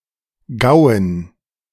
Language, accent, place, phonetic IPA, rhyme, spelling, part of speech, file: German, Germany, Berlin, [ˈɡaʊ̯ən], -aʊ̯ən, Gauen, noun, De-Gauen.ogg
- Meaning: dative plural of Gau